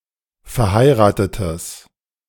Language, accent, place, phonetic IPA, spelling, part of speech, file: German, Germany, Berlin, [fɛɐ̯ˈhaɪ̯ʁaːtətəs], verheiratetes, adjective, De-verheiratetes.ogg
- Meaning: strong/mixed nominative/accusative neuter singular of verheiratet